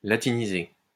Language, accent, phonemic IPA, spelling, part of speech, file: French, France, /la.ti.ni.ze/, latiniser, verb, LL-Q150 (fra)-latiniser.wav
- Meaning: to Latinize